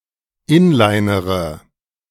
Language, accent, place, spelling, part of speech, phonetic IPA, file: German, Germany, Berlin, inlinere, verb, [ˈɪnlaɪ̯nəʁə], De-inlinere.ogg
- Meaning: inflection of inlinern: 1. first-person singular present 2. first-person plural subjunctive I 3. third-person singular subjunctive I 4. singular imperative